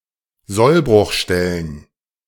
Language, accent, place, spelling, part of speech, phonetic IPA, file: German, Germany, Berlin, Sollbruchstellen, noun, [ˈzɔlbʁʊxˌʃtɛlən], De-Sollbruchstellen.ogg
- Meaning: plural of Sollbruchstelle